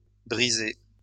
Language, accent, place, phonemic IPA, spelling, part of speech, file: French, France, Lyon, /bʁi.ze/, brisés, verb, LL-Q150 (fra)-brisés.wav
- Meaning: masculine plural of brisé